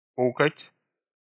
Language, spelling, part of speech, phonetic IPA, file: Russian, пукать, verb, [ˈpukətʲ], Ru-пукать.ogg
- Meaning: to fart (mild or childish)